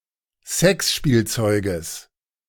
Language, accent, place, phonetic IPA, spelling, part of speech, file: German, Germany, Berlin, [ˈzɛksʃpiːlˌt͡sɔɪ̯ɡəs], Sexspielzeuges, noun, De-Sexspielzeuges.ogg
- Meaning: genitive singular of Sexspielzeug